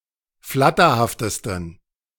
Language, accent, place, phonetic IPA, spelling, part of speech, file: German, Germany, Berlin, [ˈflatɐhaftəstn̩], flatterhaftesten, adjective, De-flatterhaftesten.ogg
- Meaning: 1. superlative degree of flatterhaft 2. inflection of flatterhaft: strong genitive masculine/neuter singular superlative degree